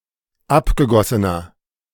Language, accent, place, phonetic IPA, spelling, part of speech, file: German, Germany, Berlin, [ˈapɡəˌɡɔsənɐ], abgegossener, adjective, De-abgegossener.ogg
- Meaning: inflection of abgegossen: 1. strong/mixed nominative masculine singular 2. strong genitive/dative feminine singular 3. strong genitive plural